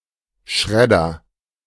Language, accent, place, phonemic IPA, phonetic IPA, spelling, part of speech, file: German, Germany, Berlin, /ˈʃrɛdər/, [ˈʃʁɛ.dɐ], Schredder, noun, De-Schredder.ogg
- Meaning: shredder (machine)